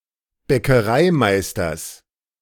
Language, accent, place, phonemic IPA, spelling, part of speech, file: German, Germany, Berlin, /ˈbɛkɐˌmaɪ̯stɐs/, Bäckermeisters, noun, De-Bäckermeisters.ogg
- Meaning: genitive singular of Bäckermeister